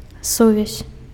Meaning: 1. connection 2. contact
- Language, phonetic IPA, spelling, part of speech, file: Belarusian, [ˈsuvʲasʲ], сувязь, noun, Be-сувязь.ogg